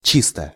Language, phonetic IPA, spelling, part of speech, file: Russian, [ˈt͡ɕistə], чисто, adverb / adjective, Ru-чисто.ogg
- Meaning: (adverb) 1. cleanly, neatly 2. purely, merely; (adjective) short neuter singular of чи́стый (čístyj)